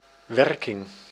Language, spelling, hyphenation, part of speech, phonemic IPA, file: Dutch, werking, wer‧king, noun, /ˈwɛrkɪŋ/, Nl-werking.ogg
- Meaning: working, functioning